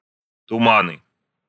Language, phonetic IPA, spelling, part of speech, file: Russian, [tʊˈmanɨ], туманы, noun, Ru-туманы.ogg
- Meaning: nominative/accusative plural of тума́н (tumán)